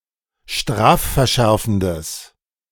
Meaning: strong/mixed nominative/accusative neuter singular of strafverschärfend
- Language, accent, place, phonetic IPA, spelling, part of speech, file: German, Germany, Berlin, [ˈʃtʁaːffɛɐ̯ˌʃɛʁfn̩dəs], strafverschärfendes, adjective, De-strafverschärfendes.ogg